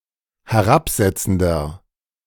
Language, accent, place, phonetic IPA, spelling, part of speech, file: German, Germany, Berlin, [hɛˈʁapˌzɛt͡sn̩dɐ], herabsetzender, adjective, De-herabsetzender.ogg
- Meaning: inflection of herabsetzend: 1. strong/mixed nominative masculine singular 2. strong genitive/dative feminine singular 3. strong genitive plural